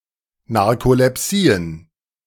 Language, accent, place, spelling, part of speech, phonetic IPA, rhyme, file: German, Germany, Berlin, Narkolepsien, noun, [naʁkolɛˈpsiːən], -iːən, De-Narkolepsien.ogg
- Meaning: plural of Narkolepsie